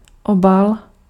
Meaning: cover
- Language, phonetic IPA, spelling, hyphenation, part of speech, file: Czech, [ˈobal], obal, obal, noun, Cs-obal.ogg